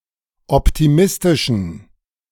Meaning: inflection of optimistisch: 1. strong genitive masculine/neuter singular 2. weak/mixed genitive/dative all-gender singular 3. strong/weak/mixed accusative masculine singular 4. strong dative plural
- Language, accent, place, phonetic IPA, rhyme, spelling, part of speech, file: German, Germany, Berlin, [ˌɔptiˈmɪstɪʃn̩], -ɪstɪʃn̩, optimistischen, adjective, De-optimistischen.ogg